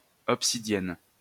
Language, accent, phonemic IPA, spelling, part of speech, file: French, France, /ɔp.si.djɛn/, obsidienne, noun, LL-Q150 (fra)-obsidienne.wav
- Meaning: obsidian (a type of black glass produced by volcanoes)